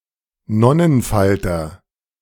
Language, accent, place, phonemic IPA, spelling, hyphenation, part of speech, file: German, Germany, Berlin, /ˈnɔnənˌfaltɐ/, Nonnenfalter, Non‧nen‧fal‧ter, noun, De-Nonnenfalter.ogg
- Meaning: black arched moth, nun moth (Lymantria monacha)